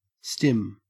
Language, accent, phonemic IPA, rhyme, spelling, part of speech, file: English, Australia, /stɪm/, -ɪm, stim, noun / verb, En-au-stim.ogg
- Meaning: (noun) 1. Sensory stimulation 2. Any repetitive self-stimulatory behavior (e.g. hand flapping, head banging, repeating noises or words), frequent in autistic people